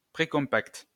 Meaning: precompact
- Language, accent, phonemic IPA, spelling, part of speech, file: French, France, /pʁe.kɔ̃.pakt/, précompact, adjective, LL-Q150 (fra)-précompact.wav